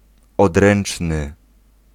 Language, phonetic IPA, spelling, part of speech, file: Polish, [ɔdˈrɛ̃n͇t͡ʃnɨ], odręczny, adjective, Pl-odręczny.ogg